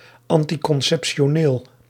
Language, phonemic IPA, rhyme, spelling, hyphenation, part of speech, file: Dutch, /ˌɑn.ti.kɔn.sɛp.ʃoːˈneːl/, -eːl, anticonceptioneel, an‧ti‧con‧cep‧ti‧o‧neel, adjective, Nl-anticonceptioneel.ogg
- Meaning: contraceptive